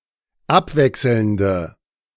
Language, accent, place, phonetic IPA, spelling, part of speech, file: German, Germany, Berlin, [ˈapˌvɛksl̩ndə], abwechselnde, adjective, De-abwechselnde.ogg
- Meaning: inflection of abwechselnd: 1. strong/mixed nominative/accusative feminine singular 2. strong nominative/accusative plural 3. weak nominative all-gender singular